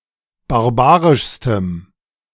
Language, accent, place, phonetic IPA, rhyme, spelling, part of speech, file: German, Germany, Berlin, [baʁˈbaːʁɪʃstəm], -aːʁɪʃstəm, barbarischstem, adjective, De-barbarischstem.ogg
- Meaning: strong dative masculine/neuter singular superlative degree of barbarisch